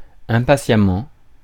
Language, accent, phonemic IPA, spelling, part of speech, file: French, France, /ɛ̃.pa.sja.mɑ̃/, impatiemment, adverb, Fr-impatiemment.ogg
- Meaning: 1. impatiently, without patience 2. sadly, with sadness